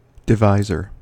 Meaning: In an expression involving division, the number by which another number is being divided
- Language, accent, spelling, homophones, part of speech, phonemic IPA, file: English, US, divisor, diviser, noun, /dɪˈvaɪ.zɚ/, En-us-divisor.ogg